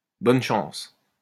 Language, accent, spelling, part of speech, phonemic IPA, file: French, France, bonne chance, interjection, /bɔn ʃɑ̃s/, LL-Q150 (fra)-bonne chance.wav
- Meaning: good luck!